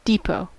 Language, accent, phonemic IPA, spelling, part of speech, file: English, US, /ˈdiːpoʊ/, depot, noun, En-us-depot.ogg
- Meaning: 1. A storage facility, in particular, a warehouse 2. A storage space for public transport and other vehicles where they can be maintained and from which they are dispatched for service